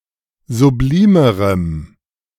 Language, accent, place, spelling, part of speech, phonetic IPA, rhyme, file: German, Germany, Berlin, sublimerem, adjective, [zuˈbliːməʁəm], -iːməʁəm, De-sublimerem.ogg
- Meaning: strong dative masculine/neuter singular comparative degree of sublim